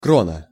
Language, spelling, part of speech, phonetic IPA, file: Russian, крона, noun, [ˈkronə], Ru-крона.ogg
- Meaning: 1. crown (of a tree) 2. crown, koruna, krona, krone, kroon, króna